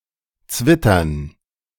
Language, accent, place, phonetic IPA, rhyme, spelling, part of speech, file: German, Germany, Berlin, [ˈt͡svɪtɐn], -ɪtɐn, Zwittern, noun, De-Zwittern.ogg
- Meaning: dative plural of Zwitter